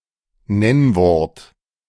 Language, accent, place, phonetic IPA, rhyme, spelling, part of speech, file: German, Germany, Berlin, [ˈnɛnvɔʁt], -ɛnvɔʁt, Nennwort, noun, De-Nennwort.ogg
- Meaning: 1. a part of speech which can be declined, i.e. substantive, adjective, numeral, article or pronoun 2. a substantive or adjective